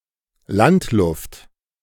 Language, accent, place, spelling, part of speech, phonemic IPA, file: German, Germany, Berlin, Landluft, noun, /ˈlantˌlʊft/, De-Landluft.ogg
- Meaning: country air